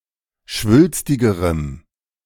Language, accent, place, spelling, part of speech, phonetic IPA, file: German, Germany, Berlin, schwülstigerem, adjective, [ˈʃvʏlstɪɡəʁəm], De-schwülstigerem.ogg
- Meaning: strong dative masculine/neuter singular comparative degree of schwülstig